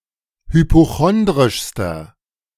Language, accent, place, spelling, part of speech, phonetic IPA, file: German, Germany, Berlin, hypochondrischster, adjective, [hypoˈxɔndʁɪʃstɐ], De-hypochondrischster.ogg
- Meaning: inflection of hypochondrisch: 1. strong/mixed nominative masculine singular superlative degree 2. strong genitive/dative feminine singular superlative degree